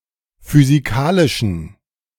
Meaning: inflection of physikalisch: 1. strong genitive masculine/neuter singular 2. weak/mixed genitive/dative all-gender singular 3. strong/weak/mixed accusative masculine singular 4. strong dative plural
- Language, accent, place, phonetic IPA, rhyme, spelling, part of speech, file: German, Germany, Berlin, [fyziˈkaːlɪʃn̩], -aːlɪʃn̩, physikalischen, adjective, De-physikalischen.ogg